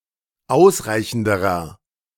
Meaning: inflection of ausreichend: 1. strong/mixed nominative masculine singular comparative degree 2. strong genitive/dative feminine singular comparative degree 3. strong genitive plural comparative degree
- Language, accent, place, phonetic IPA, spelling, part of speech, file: German, Germany, Berlin, [ˈaʊ̯sˌʁaɪ̯çn̩dəʁɐ], ausreichenderer, adjective, De-ausreichenderer.ogg